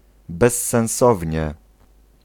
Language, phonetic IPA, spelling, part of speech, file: Polish, [ˌbɛsːɛ̃w̃ˈsɔvʲɲɛ], bezsensownie, adverb, Pl-bezsensownie.ogg